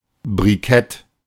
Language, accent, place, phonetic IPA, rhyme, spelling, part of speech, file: German, Germany, Berlin, [bʁiˈkɛt], -ɛt, Brikett, noun, De-Brikett.ogg
- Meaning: briquet